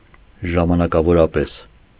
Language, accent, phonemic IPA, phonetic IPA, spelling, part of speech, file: Armenian, Eastern Armenian, /ʒɑmɑnɑkɑvoɾɑˈpes/, [ʒɑmɑnɑkɑvoɾɑpés], ժամանակավորապես, adverb, Hy-ժամանակավորապես.ogg
- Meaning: temporarily